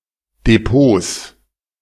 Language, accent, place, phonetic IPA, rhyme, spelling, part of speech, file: German, Germany, Berlin, [deˈpoːs], -oːs, Depots, noun, De-Depots.ogg
- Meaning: 1. genitive singular of Depot 2. plural of Depot